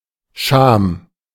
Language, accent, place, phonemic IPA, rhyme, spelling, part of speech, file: German, Germany, Berlin, /ʃaːm/, -aːm, Scham, noun, De-Scham.ogg
- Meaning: shame (uncomfortable feeling at one's own impropriety or at the exposure of something private; but not in the sense of disgrace or being dishonored, for which Schande)